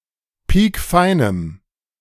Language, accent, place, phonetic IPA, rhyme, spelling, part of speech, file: German, Germany, Berlin, [ˈpiːkˈfaɪ̯nəm], -aɪ̯nəm, piekfeinem, adjective, De-piekfeinem.ogg
- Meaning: strong dative masculine/neuter singular of piekfein